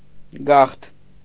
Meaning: migration, emigration, immigration
- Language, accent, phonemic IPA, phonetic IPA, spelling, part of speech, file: Armenian, Eastern Armenian, /ɡɑχtʰ/, [ɡɑχtʰ], գաղթ, noun, Hy-գաղթ.ogg